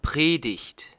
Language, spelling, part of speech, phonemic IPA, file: German, Predigt, noun, /ˈpʁeːdɪçt/, De-Predigt.ogg
- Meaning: 1. sermon, preaching 2. proclamation